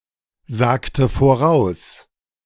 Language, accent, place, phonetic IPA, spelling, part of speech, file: German, Germany, Berlin, [ˌzaːktə foˈʁaʊ̯s], sagte voraus, verb, De-sagte voraus.ogg
- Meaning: inflection of voraussagen: 1. first/third-person singular preterite 2. first/third-person singular subjunctive II